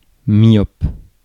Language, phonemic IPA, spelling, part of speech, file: French, /mjɔp/, myope, adjective / noun, Fr-myope.ogg
- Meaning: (adjective) 1. nearsighted 2. narrow-minded; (noun) nearsighted person